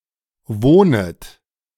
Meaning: second-person plural subjunctive I of wohnen
- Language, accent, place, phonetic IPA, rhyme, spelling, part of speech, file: German, Germany, Berlin, [ˈvoːnət], -oːnət, wohnet, verb, De-wohnet.ogg